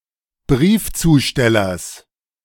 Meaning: genitive singular of Briefzusteller
- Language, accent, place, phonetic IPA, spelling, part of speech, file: German, Germany, Berlin, [ˈbʁiːft͡suːˌʃtɛlɐs], Briefzustellers, noun, De-Briefzustellers.ogg